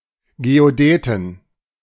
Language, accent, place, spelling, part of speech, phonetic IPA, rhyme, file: German, Germany, Berlin, Geodäten, noun, [ɡeoˈdɛːtn̩], -ɛːtn̩, De-Geodäten.ogg
- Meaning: plural of Geodäte